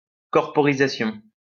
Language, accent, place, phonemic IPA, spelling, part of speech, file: French, France, Lyon, /kɔʁ.pɔ.ʁi.za.sjɔ̃/, corporisation, noun, LL-Q150 (fra)-corporisation.wav
- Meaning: embodiment, corporization